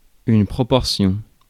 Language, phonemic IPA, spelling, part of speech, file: French, /pʁɔ.pɔʁ.sjɔ̃/, proportion, noun, Fr-proportion.ogg
- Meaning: proportion